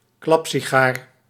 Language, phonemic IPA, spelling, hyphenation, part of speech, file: Dutch, /ˈklɑp.si.ˌɣaːr/, klapsigaar, klap‧si‧gaar, noun, Nl-klapsigaar.ogg
- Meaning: exploding cigar (mainly as a stereotypical practical joke)